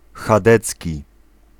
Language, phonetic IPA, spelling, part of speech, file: Polish, [xaˈdɛt͡sʲci], chadecki, adjective, Pl-chadecki.ogg